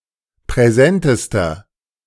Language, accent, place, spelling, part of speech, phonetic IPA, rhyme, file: German, Germany, Berlin, präsentester, adjective, [pʁɛˈzɛntəstɐ], -ɛntəstɐ, De-präsentester.ogg
- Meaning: inflection of präsent: 1. strong/mixed nominative masculine singular superlative degree 2. strong genitive/dative feminine singular superlative degree 3. strong genitive plural superlative degree